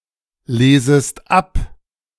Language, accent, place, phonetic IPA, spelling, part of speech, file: German, Germany, Berlin, [ˌleːzəst ˈap], lesest ab, verb, De-lesest ab.ogg
- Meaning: second-person singular subjunctive I of ablesen